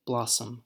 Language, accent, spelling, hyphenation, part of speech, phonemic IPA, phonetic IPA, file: English, US, blossom, blos‧som, noun / verb, /ˈblɑ.səm/, [ˈblɑ.sm̩], En-us-blossom.ogg
- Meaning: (noun) 1. A flower, especially one indicating that a fruit tree is fruiting; (collectively) a mass of such flowers 2. The state or season of producing such flowers